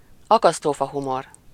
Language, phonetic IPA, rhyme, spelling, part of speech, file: Hungarian, [ˈɒkɒstoːfɒɦumor], -or, akasztófahumor, noun, Hu-akasztófahumor.ogg
- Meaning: gallows humor, black humor